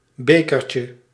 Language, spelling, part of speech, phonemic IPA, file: Dutch, bekertje, noun, /ˈbekərcə/, Nl-bekertje.ogg
- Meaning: diminutive of beker